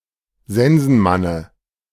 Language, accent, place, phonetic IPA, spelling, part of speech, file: German, Germany, Berlin, [ˈzɛnzn̩ˌmanə], Sensenmanne, noun, De-Sensenmanne.ogg
- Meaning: dative of Sensenmann